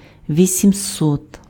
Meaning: eight hundred
- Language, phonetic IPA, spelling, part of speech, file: Ukrainian, [ʋʲisʲimˈsɔt], вісімсот, numeral, Uk-вісімсот.ogg